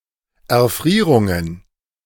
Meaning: plural of Erfrierung
- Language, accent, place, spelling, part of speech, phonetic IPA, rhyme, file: German, Germany, Berlin, Erfrierungen, noun, [ɛɐ̯ˈfʁiːʁʊŋən], -iːʁʊŋən, De-Erfrierungen.ogg